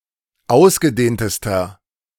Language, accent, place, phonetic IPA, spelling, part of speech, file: German, Germany, Berlin, [ˈaʊ̯sɡəˌdeːntəstɐ], ausgedehntester, adjective, De-ausgedehntester.ogg
- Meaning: inflection of ausgedehnt: 1. strong/mixed nominative masculine singular superlative degree 2. strong genitive/dative feminine singular superlative degree 3. strong genitive plural superlative degree